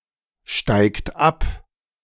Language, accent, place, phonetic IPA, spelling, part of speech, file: German, Germany, Berlin, [ˌʃtaɪ̯kt ˈap], steigt ab, verb, De-steigt ab.ogg
- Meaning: inflection of absteigen: 1. third-person singular present 2. second-person plural present 3. plural imperative